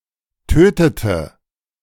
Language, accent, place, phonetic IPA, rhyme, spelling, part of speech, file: German, Germany, Berlin, [ˈtøːtətə], -øːtətə, tötete, verb, De-tötete.ogg
- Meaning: inflection of töten: 1. first/third-person singular preterite 2. first/third-person singular subjunctive II